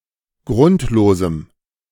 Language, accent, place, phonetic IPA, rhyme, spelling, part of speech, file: German, Germany, Berlin, [ˈɡʁʊntloːzm̩], -ʊntloːzm̩, grundlosem, adjective, De-grundlosem.ogg
- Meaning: strong dative masculine/neuter singular of grundlos